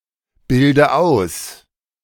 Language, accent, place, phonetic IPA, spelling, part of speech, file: German, Germany, Berlin, [ˌbɪldə ˈaʊ̯s], bilde aus, verb, De-bilde aus.ogg
- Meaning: inflection of ausbilden: 1. first-person singular present 2. first/third-person singular subjunctive I 3. singular imperative